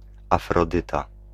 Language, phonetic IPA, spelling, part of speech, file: Polish, [ˌafrɔˈdɨta], Afrodyta, proper noun, Pl-Afrodyta.ogg